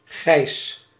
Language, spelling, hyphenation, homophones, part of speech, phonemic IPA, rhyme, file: Dutch, Gijs, Gijs, geis, proper noun, /ɣɛi̯s/, -ɛi̯s, Nl-Gijs.ogg
- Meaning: a male given name